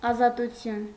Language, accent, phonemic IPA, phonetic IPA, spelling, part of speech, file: Armenian, Eastern Armenian, /ɑzɑtuˈtʰjun/, [ɑzɑtut͡sʰjún], ազատություն, noun, Hy-ազատություն.ogg
- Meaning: freedom